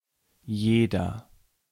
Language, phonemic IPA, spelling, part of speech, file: German, /ˈjeːdɐ/, jeder, pronoun / determiner, De-jeder.ogg
- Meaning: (pronoun) each; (determiner) each, every